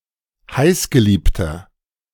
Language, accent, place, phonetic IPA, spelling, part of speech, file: German, Germany, Berlin, [ˈhaɪ̯sɡəˌliːptɐ], heißgeliebter, adjective, De-heißgeliebter.ogg
- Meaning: inflection of heißgeliebt: 1. strong/mixed nominative masculine singular 2. strong genitive/dative feminine singular 3. strong genitive plural